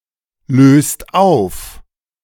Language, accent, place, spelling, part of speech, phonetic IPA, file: German, Germany, Berlin, löst auf, verb, [ˌløːst ˈaʊ̯f], De-löst auf.ogg
- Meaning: inflection of auflösen: 1. second/third-person singular present 2. second-person plural present 3. plural imperative